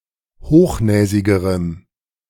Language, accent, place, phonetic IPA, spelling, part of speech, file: German, Germany, Berlin, [ˈhoːxˌnɛːzɪɡəʁəm], hochnäsigerem, adjective, De-hochnäsigerem.ogg
- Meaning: strong dative masculine/neuter singular comparative degree of hochnäsig